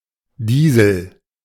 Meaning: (noun) 1. ellipsis of Dieselkraftstoff (“diesel fuel”) 2. ellipsis of Dieselmotor (“diesel engine”) 3. diesel (vehicle powered by a diesel engine)
- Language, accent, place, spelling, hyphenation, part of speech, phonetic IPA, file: German, Germany, Berlin, Diesel, Die‧sel, noun / proper noun, [ˈdiːzl̩], De-Diesel.ogg